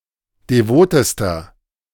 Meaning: inflection of devot: 1. strong/mixed nominative masculine singular superlative degree 2. strong genitive/dative feminine singular superlative degree 3. strong genitive plural superlative degree
- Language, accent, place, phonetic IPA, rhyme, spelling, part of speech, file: German, Germany, Berlin, [deˈvoːtəstɐ], -oːtəstɐ, devotester, adjective, De-devotester.ogg